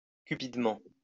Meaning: greedily
- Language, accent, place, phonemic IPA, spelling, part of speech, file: French, France, Lyon, /ky.pid.mɑ̃/, cupidement, adverb, LL-Q150 (fra)-cupidement.wav